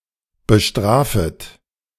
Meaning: second-person plural subjunctive I of bestrafen
- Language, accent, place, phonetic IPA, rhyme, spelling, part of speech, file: German, Germany, Berlin, [bəˈʃtʁaːfət], -aːfət, bestrafet, verb, De-bestrafet.ogg